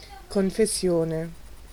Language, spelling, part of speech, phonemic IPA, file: Italian, confessione, noun, /koŋfesˈsjone/, It-confessione.ogg